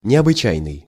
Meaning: extraordinary, exceptional, unusual
- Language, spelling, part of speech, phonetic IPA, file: Russian, необычайный, adjective, [nʲɪəbɨˈt͡ɕæjnɨj], Ru-необычайный.ogg